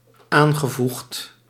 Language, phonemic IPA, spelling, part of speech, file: Dutch, /ˈaŋɣəˌvuxt/, aangevoegd, verb, Nl-aangevoegd.ogg
- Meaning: past participle of aanvoegen